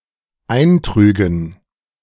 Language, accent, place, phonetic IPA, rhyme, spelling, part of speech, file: German, Germany, Berlin, [ˈaɪ̯nˌtʁyːɡn̩], -aɪ̯ntʁyːɡn̩, eintrügen, verb, De-eintrügen.ogg
- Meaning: first/third-person plural dependent subjunctive II of eintragen